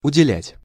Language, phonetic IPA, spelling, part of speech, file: Russian, [ʊdʲɪˈlʲætʲ], уделять, verb, Ru-уделять.ogg
- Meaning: to allot, to allocate